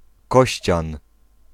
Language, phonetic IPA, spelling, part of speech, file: Polish, [ˈkɔɕt͡ɕãn], Kościan, proper noun, Pl-Kościan.ogg